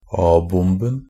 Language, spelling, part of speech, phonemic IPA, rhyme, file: Norwegian Bokmål, a-bomben, noun, /ˈɑːbʊmbn̩/, -ʊmbn̩, NB - Pronunciation of Norwegian Bokmål «a-bomben».ogg
- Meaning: definite masculine singular of a-bombe